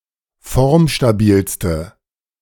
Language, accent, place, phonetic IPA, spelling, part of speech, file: German, Germany, Berlin, [ˈfɔʁmʃtaˌbiːlstə], formstabilste, adjective, De-formstabilste.ogg
- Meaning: inflection of formstabil: 1. strong/mixed nominative/accusative feminine singular superlative degree 2. strong nominative/accusative plural superlative degree